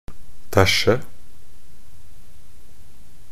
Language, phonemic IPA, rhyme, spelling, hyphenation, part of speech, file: Norwegian Bokmål, /ˈtæʃːə/, -æʃːə, tæsje, tæ‧sje, verb, Nb-tæsje.ogg
- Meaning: 1. to steal 2. to trick, cheat